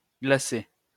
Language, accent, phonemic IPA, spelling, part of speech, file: French, France, /ɡla.se/, glacé, adjective / verb, LL-Q150 (fra)-glacé.wav
- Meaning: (adjective) 1. icy, frozen 2. glazed, glacé; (verb) past participle of glacer